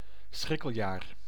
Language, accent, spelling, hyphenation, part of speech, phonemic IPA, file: Dutch, Netherlands, schrikkeljaar, schrik‧kel‧jaar, noun, /ˈsxrɪ.kəlˌjaːr/, Nl-schrikkeljaar.ogg
- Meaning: a leap year, year with an added leap day, hence 366-day year, in the Gregorian calendar